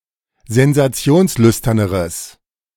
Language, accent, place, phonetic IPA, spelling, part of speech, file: German, Germany, Berlin, [zɛnzaˈt͡si̯oːnsˌlʏstɐnəʁəs], sensationslüsterneres, adjective, De-sensationslüsterneres.ogg
- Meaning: strong/mixed nominative/accusative neuter singular comparative degree of sensationslüstern